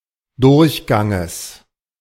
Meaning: genitive singular of Durchgang
- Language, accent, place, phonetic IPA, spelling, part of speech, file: German, Germany, Berlin, [ˈdʊʁçˌɡaŋəs], Durchganges, noun, De-Durchganges.ogg